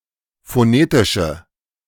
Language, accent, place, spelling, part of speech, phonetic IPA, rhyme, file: German, Germany, Berlin, phonetische, adjective, [foˈneːtɪʃə], -eːtɪʃə, De-phonetische.ogg
- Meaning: inflection of phonetisch: 1. strong/mixed nominative/accusative feminine singular 2. strong nominative/accusative plural 3. weak nominative all-gender singular